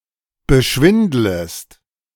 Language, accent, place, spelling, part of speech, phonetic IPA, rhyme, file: German, Germany, Berlin, beschwindlest, verb, [bəˈʃvɪndləst], -ɪndləst, De-beschwindlest.ogg
- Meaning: second-person singular subjunctive I of beschwindeln